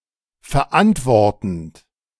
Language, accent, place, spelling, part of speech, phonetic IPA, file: German, Germany, Berlin, verantwortend, verb, [fɛɐ̯ˈʔantvɔʁtn̩t], De-verantwortend.ogg
- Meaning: present participle of verantworten